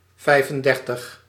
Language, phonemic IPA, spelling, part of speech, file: Dutch, /ˈvɛi̯.fənˌdɛr.təx/, vijfendertig, numeral, Nl-vijfendertig.ogg
- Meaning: thirty-five